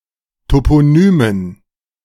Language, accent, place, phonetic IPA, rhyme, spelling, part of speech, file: German, Germany, Berlin, [ˌtopoˈnyːmən], -yːmən, Toponymen, noun, De-Toponymen.ogg
- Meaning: dative plural of Toponym